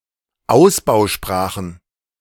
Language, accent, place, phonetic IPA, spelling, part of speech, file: German, Germany, Berlin, [ˈaʊ̯sbaʊ̯ˌʃpʁaːxn̩], Ausbausprachen, noun, De-Ausbausprachen.ogg
- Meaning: plural of Ausbausprache